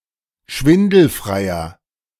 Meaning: 1. comparative degree of schwindelfrei 2. inflection of schwindelfrei: strong/mixed nominative masculine singular 3. inflection of schwindelfrei: strong genitive/dative feminine singular
- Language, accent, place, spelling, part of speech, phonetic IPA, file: German, Germany, Berlin, schwindelfreier, adjective, [ˈʃvɪndl̩fʁaɪ̯ɐ], De-schwindelfreier.ogg